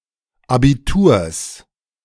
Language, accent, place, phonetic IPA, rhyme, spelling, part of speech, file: German, Germany, Berlin, [ˌabiˈtuːɐ̯s], -uːɐ̯s, Abiturs, noun, De-Abiturs.ogg
- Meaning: genitive singular of Abitur